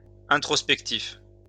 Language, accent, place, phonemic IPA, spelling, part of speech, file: French, France, Lyon, /ɛ̃.tʁɔs.pɛk.tif/, introspectif, adjective, LL-Q150 (fra)-introspectif.wav
- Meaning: introspective